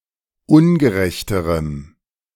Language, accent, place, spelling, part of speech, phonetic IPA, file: German, Germany, Berlin, ungerechterem, adjective, [ˈʊnɡəˌʁɛçtəʁəm], De-ungerechterem.ogg
- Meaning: strong dative masculine/neuter singular comparative degree of ungerecht